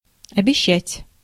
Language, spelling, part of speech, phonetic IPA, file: Russian, обещать, verb, [ɐbʲɪˈɕːætʲ], Ru-обещать.ogg
- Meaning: 1. to promise, to pledge 2. to promise, to give grounds for expectation (perfective is not used)